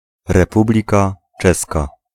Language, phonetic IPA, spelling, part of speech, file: Polish, [rɛˈpublʲika ˈt͡ʃɛska], Republika Czeska, proper noun, Pl-Republika Czeska.ogg